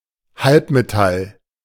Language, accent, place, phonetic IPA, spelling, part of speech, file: German, Germany, Berlin, [ˈhalpmeˌtal], Halbmetall, noun, De-Halbmetall.ogg
- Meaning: semimetal, metaloid